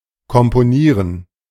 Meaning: to compose
- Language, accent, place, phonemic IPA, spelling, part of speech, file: German, Germany, Berlin, /kɔmpoˈniːʁən/, komponieren, verb, De-komponieren.ogg